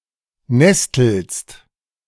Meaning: second-person singular present of nesteln
- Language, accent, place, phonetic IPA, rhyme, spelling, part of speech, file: German, Germany, Berlin, [ˈnɛstl̩st], -ɛstl̩st, nestelst, verb, De-nestelst.ogg